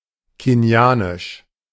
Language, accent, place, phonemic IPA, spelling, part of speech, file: German, Germany, Berlin, /keni̯ˈaːnɪʃ/, kenianisch, adjective, De-kenianisch.ogg
- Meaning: of Kenya; Kenyan